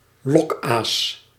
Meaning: 1. bait 2. lure, especially in angling
- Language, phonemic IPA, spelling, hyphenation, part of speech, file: Dutch, /ˈlɔkas/, lokaas, lok‧aas, noun, Nl-lokaas.ogg